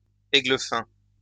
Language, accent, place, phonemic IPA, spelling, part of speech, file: French, France, Lyon, /e.ɡlə.fɛ̃/, églefin, noun, LL-Q150 (fra)-églefin.wav
- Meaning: haddock